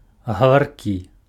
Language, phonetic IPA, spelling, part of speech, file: Belarusian, [ɣavarˈkʲi], гаваркі, adjective, Be-гаваркі.ogg
- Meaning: talkative